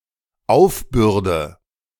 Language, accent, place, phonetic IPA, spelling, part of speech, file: German, Germany, Berlin, [ˈaʊ̯fˌbʏʁdə], aufbürde, verb, De-aufbürde.ogg
- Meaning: inflection of aufbürden: 1. first-person singular dependent present 2. first/third-person singular dependent subjunctive I